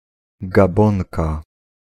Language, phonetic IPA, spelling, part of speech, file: Polish, [ɡaˈbɔ̃ŋka], Gabonka, noun, Pl-Gabonka.ogg